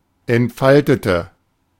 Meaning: inflection of entfalten: 1. first/third-person singular preterite 2. first/third-person singular subjunctive II
- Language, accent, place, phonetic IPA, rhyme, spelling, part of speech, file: German, Germany, Berlin, [ɛntˈfaltətə], -altətə, entfaltete, adjective / verb, De-entfaltete.ogg